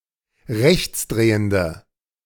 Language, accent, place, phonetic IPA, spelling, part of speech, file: German, Germany, Berlin, [ˈʁɛçt͡sˌdʁeːəndə], rechtsdrehende, adjective, De-rechtsdrehende.ogg
- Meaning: inflection of rechtsdrehend: 1. strong/mixed nominative/accusative feminine singular 2. strong nominative/accusative plural 3. weak nominative all-gender singular